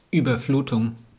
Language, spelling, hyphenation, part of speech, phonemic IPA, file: German, Überflutung, Über‧flu‧tung, noun, /yːbɐˈfluːtʊŋ/, De-Überflutung.wav
- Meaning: flooding, overload